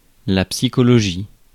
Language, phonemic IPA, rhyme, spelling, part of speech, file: French, /psi.kɔ.lɔ.ʒi/, -i, psychologie, noun, Fr-psychologie.ogg
- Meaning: psychology